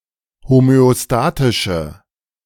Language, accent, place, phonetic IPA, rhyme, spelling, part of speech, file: German, Germany, Berlin, [homøoˈstaːtɪʃə], -aːtɪʃə, homöostatische, adjective, De-homöostatische.ogg
- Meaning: inflection of homöostatisch: 1. strong/mixed nominative/accusative feminine singular 2. strong nominative/accusative plural 3. weak nominative all-gender singular